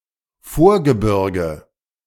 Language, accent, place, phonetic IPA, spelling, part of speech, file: German, Germany, Berlin, [ˈfoːɐ̯ɡəˌbɪʁɡə], Vorgebirge, noun, De-Vorgebirge.ogg
- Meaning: foothills